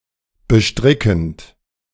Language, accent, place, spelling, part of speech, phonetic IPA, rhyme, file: German, Germany, Berlin, bestrickend, adjective / verb, [bəˈʃtʁɪkn̩t], -ɪkn̩t, De-bestrickend.ogg
- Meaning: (verb) present participle of bestricken (“to enchant, to beguile”); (adjective) beguiling, bewitching, enchanting, engaging